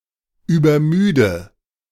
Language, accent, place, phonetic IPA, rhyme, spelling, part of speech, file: German, Germany, Berlin, [yːbɐˈmyːdə], -yːdə, übermüde, verb, De-übermüde.ogg
- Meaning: overtired, overly tired